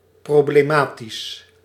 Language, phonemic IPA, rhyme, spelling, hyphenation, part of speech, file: Dutch, /ˌproːbleːˈmaːtis/, -aːtis, problematisch, pro‧ble‧ma‧tisch, adjective, Nl-problematisch.ogg
- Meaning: problematic